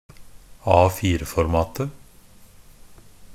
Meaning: definite singular of A4-format
- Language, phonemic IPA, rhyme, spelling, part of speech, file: Norwegian Bokmål, /ˈɑːfiːrəfɔrmɑːtə/, -ɑːtə, A4-formatet, noun, NB - Pronunciation of Norwegian Bokmål «A4-formatet».ogg